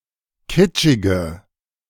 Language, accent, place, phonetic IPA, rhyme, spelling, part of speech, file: German, Germany, Berlin, [ˈkɪt͡ʃɪɡə], -ɪt͡ʃɪɡə, kitschige, adjective, De-kitschige.ogg
- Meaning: inflection of kitschig: 1. strong/mixed nominative/accusative feminine singular 2. strong nominative/accusative plural 3. weak nominative all-gender singular